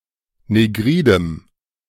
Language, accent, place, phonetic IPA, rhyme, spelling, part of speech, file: German, Germany, Berlin, [neˈɡʁiːdəm], -iːdəm, negridem, adjective, De-negridem.ogg
- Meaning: strong dative masculine/neuter singular of negrid